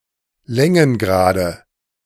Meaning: nominative/accusative/genitive plural of Längengrad
- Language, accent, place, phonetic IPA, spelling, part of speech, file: German, Germany, Berlin, [ˈlɛŋənˌɡʁaːdə], Längengrade, noun, De-Längengrade.ogg